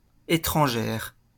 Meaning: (adjective) feminine singular of étranger; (noun) female equivalent of étranger
- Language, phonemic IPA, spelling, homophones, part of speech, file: French, /e.tʁɑ̃.ʒɛʁ/, étrangère, étrangères, adjective / noun, LL-Q150 (fra)-étrangère.wav